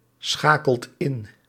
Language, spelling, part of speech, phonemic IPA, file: Dutch, schakelt in, verb, /ˈsxakəlt ˈɪn/, Nl-schakelt in.ogg
- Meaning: inflection of inschakelen: 1. second/third-person singular present indicative 2. plural imperative